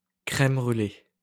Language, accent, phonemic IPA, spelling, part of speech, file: French, France, /kʁɛm bʁy.le/, crème brulée, noun, LL-Q150 (fra)-crème brulée.wav
- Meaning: post-1990 spelling of crème brûlée